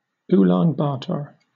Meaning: Alternative form of Ulaanbaatar
- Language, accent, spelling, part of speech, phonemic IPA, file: English, Southern England, Ulan Bator, proper noun, /ˈuːlɑːn ˈbɑːtɔː(ɹ)/, LL-Q1860 (eng)-Ulan Bator.wav